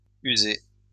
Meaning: feminine singular of usé
- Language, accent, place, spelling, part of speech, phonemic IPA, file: French, France, Lyon, usée, verb, /y.ze/, LL-Q150 (fra)-usée.wav